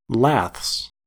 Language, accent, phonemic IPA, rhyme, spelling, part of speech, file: English, US, /læθs/, -æθs, laths, noun, En-us-laths.ogg
- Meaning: plural of lath